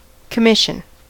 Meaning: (noun) 1. A sending or mission (to do or accomplish something) 2. An official charge or authority to do something, often used of military officers 3. The thing to be done as agent for another
- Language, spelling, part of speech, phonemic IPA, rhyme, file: English, commission, noun / verb, /kəˈmɪʃən/, -ɪʃən, En-us-commission.ogg